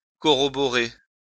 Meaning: to corroborate
- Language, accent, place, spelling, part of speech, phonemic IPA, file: French, France, Lyon, corroborer, verb, /kɔ.ʁɔ.bɔ.ʁe/, LL-Q150 (fra)-corroborer.wav